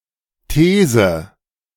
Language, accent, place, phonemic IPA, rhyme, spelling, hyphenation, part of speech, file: German, Germany, Berlin, /ˈteːzə/, -eːzə, These, The‧se, noun, De-These.ogg
- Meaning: thesis